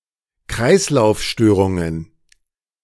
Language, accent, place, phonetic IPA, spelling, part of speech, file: German, Germany, Berlin, [ˈkʁaɪ̯slaʊ̯fˌʃtøːʁʊŋən], Kreislaufstörungen, noun, De-Kreislaufstörungen.ogg
- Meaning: plural of Kreislaufstörung